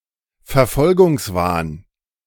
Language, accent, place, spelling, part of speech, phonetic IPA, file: German, Germany, Berlin, Verfolgungswahn, noun, [fɛɐ̯ˈfɔlɡʊŋsˌvaːn], De-Verfolgungswahn.ogg
- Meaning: paranoia, delusion of persecution, persecution complex